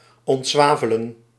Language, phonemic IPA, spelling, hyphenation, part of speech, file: Dutch, /ˌɔntˈzʋaː.və.lə(n)/, ontzwavelen, ont‧zwa‧ve‧len, verb, Nl-ontzwavelen.ogg
- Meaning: to desulfurize, to remove sulfur